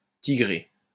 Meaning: 1. striped 2. tabby
- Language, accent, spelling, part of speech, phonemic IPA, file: French, France, tigré, adjective, /ti.ɡʁe/, LL-Q150 (fra)-tigré.wav